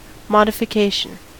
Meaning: 1. The act of assessing and prescribing a payment, penalty, price, valuation, etc 2. The form of existence belonging to a particular object, entity etc.; a mode of being
- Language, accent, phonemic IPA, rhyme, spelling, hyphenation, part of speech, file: English, US, /ˌmɑdɪfɪˈkeɪʃən/, -eɪʃən, modification, mod‧i‧fi‧ca‧tion, noun, En-us-modification.ogg